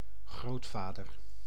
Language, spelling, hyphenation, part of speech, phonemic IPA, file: Dutch, grootvader, groot‧va‧der, noun, /ˈɣroːtˌfaːdər/, Nl-grootvader.ogg
- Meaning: grandfather